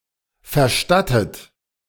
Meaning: 1. past participle of verstatten 2. inflection of verstatten: third-person singular present 3. inflection of verstatten: second-person plural present
- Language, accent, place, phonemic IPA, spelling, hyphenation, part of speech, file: German, Germany, Berlin, /fərˈʃtatət/, verstattet, ver‧stat‧tet, verb, De-verstattet.ogg